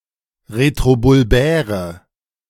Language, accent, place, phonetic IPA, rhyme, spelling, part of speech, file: German, Germany, Berlin, [ʁetʁobʊlˈbɛːʁə], -ɛːʁə, retrobulbäre, adjective, De-retrobulbäre.ogg
- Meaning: inflection of retrobulbär: 1. strong/mixed nominative/accusative feminine singular 2. strong nominative/accusative plural 3. weak nominative all-gender singular